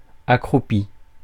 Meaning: past participle of accroupir
- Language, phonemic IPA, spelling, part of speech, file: French, /a.kʁu.pi/, accroupi, verb, Fr-accroupi.ogg